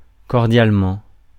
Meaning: 1. cordially 2. regards, yours sincerely
- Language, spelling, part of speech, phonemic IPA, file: French, cordialement, adverb, /kɔʁ.djal.mɑ̃/, Fr-cordialement.ogg